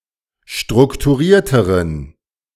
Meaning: inflection of strukturiert: 1. strong genitive masculine/neuter singular comparative degree 2. weak/mixed genitive/dative all-gender singular comparative degree
- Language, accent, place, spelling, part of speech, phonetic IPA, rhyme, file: German, Germany, Berlin, strukturierteren, adjective, [ˌʃtʁʊktuˈʁiːɐ̯təʁən], -iːɐ̯təʁən, De-strukturierteren.ogg